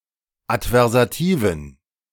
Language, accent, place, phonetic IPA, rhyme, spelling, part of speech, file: German, Germany, Berlin, [atvɛʁzaˈtiːvn̩], -iːvn̩, adversativen, adjective, De-adversativen.ogg
- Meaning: inflection of adversativ: 1. strong genitive masculine/neuter singular 2. weak/mixed genitive/dative all-gender singular 3. strong/weak/mixed accusative masculine singular 4. strong dative plural